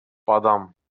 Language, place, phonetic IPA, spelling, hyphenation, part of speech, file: Azerbaijani, Baku, [bɑˈdɑm], badam, ba‧dam, noun, LL-Q9292 (aze)-badam.wav
- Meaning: almond